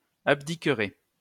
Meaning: second-person plural future of abdiquer
- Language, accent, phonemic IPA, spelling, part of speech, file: French, France, /ab.di.kʁe/, abdiquerez, verb, LL-Q150 (fra)-abdiquerez.wav